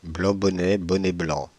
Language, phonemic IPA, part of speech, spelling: French, /blɑ̃ bɔ.nɛ | bɔ.nɛ blɑ̃/, phrase, blanc bonnet, bonnet blanc
- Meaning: alternative form of bonnet blanc, blanc bonnet